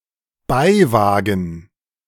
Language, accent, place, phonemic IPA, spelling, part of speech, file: German, Germany, Berlin, /ˈbaɪ̯ˌvaːɡn̩/, Beiwagen, noun, De-Beiwagen.ogg
- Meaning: sidecar